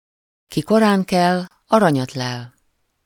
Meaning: the early bird gets the worm
- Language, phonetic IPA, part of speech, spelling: Hungarian, [ˌki ˈkoraːŋkɛl ˈɒrɒɲɒtlɛl], proverb, ki korán kel, aranyat lel